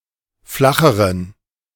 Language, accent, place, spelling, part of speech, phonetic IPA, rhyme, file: German, Germany, Berlin, flacheren, adjective, [ˈflaxəʁən], -axəʁən, De-flacheren.ogg
- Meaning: inflection of flach: 1. strong genitive masculine/neuter singular comparative degree 2. weak/mixed genitive/dative all-gender singular comparative degree